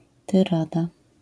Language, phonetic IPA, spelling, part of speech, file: Polish, [tɨˈrada], tyrada, noun, LL-Q809 (pol)-tyrada.wav